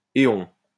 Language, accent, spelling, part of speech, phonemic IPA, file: French, France, éon, noun, /e.ɔ̃/, LL-Q150 (fra)-éon.wav
- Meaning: eon (longest time period used in geology)